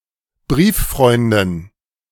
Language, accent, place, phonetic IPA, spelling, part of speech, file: German, Germany, Berlin, [ˈbʁiːfˌfʁɔɪ̯ndn̩], Brieffreunden, noun, De-Brieffreunden.ogg
- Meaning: dative plural of Brieffreund